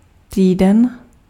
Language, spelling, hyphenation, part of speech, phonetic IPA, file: Czech, týden, tý‧den, noun, [ˈtiːdɛn], Cs-týden.ogg
- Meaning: week